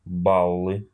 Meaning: nominative/accusative plural of балл (ball)
- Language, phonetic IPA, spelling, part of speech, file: Russian, [ˈbaɫɨ], баллы, noun, Ru-ба́ллы.ogg